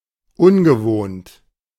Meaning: 1. uncustomary, unusual 2. unfamiliar, unaccustomed
- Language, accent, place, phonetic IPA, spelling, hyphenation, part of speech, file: German, Germany, Berlin, [ˈʊnɡəˌvoːnt], ungewohnt, un‧ge‧wohnt, adjective, De-ungewohnt.ogg